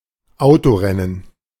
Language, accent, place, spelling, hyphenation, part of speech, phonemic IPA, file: German, Germany, Berlin, Autorennen, Au‧to‧ren‧nen, noun, /ˈaʊtoˌrɛnən/, De-Autorennen.ogg
- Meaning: car racing, auto race, motor race